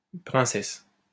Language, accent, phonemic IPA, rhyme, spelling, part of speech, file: French, France, /pʁɛ̃.sɛs/, -ɛs, princesse, noun, LL-Q150 (fra)-princesse.wav
- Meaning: princess